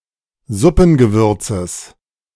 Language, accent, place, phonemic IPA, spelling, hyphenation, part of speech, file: German, Germany, Berlin, /ˈzʊpn̩.ɡəˌvʏrt͡səs/, Suppengewürzes, Sup‧pen‧ge‧wür‧zes, noun, De-Suppengewürzes.ogg
- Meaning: genitive singular of Suppengewürz